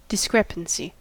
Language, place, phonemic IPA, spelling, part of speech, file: English, California, /dɪˈskɹɛpənsi/, discrepancy, noun, En-us-discrepancy.ogg
- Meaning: 1. An inconsistency between facts or sentiments 2. The state or quality of being discrepant